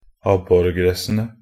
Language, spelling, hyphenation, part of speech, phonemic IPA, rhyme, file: Norwegian Bokmål, abborgressene, ab‧bor‧gres‧se‧ne, noun, /ˈabːɔrɡrɛsːənə/, -ənə, Nb-abborgressene.ogg
- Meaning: definite plural of abborgress